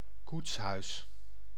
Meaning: coach house
- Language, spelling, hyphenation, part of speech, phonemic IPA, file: Dutch, koetshuis, koets‧huis, noun, /ˈkuts.ɦœy̯s/, Nl-koetshuis.ogg